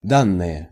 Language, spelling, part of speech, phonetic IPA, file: Russian, данные, noun / adjective, [ˈdanːɨje], Ru-данные.ogg
- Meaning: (noun) data, facts, information; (adjective) inflection of да́нный (dánnyj): 1. nominative plural 2. inanimate accusative plural